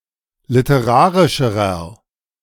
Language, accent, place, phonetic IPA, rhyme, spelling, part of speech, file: German, Germany, Berlin, [lɪtəˈʁaːʁɪʃəʁɐ], -aːʁɪʃəʁɐ, literarischerer, adjective, De-literarischerer.ogg
- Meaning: inflection of literarisch: 1. strong/mixed nominative masculine singular comparative degree 2. strong genitive/dative feminine singular comparative degree 3. strong genitive plural comparative degree